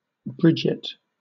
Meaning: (proper noun) A female given name from Irish; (noun) An Irish housemaid
- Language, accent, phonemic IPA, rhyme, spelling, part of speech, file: English, Southern England, /ˈbɹɪd͡ʒɪt/, -ɪdʒɪt, Bridget, proper noun / noun, LL-Q1860 (eng)-Bridget.wav